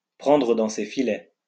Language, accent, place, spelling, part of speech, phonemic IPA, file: French, France, Lyon, prendre dans ses filets, verb, /pʁɑ̃.dʁə dɑ̃ se fi.lɛ/, LL-Q150 (fra)-prendre dans ses filets.wav
- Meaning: to seduce